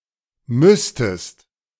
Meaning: second-person singular subjunctive II of müssen
- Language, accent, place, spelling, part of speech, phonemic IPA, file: German, Germany, Berlin, müsstest, verb, /ˈmʏstəst/, De-müsstest.ogg